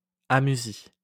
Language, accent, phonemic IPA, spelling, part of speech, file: French, France, /a.my.zi/, amusie, noun, LL-Q150 (fra)-amusie.wav
- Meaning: amusia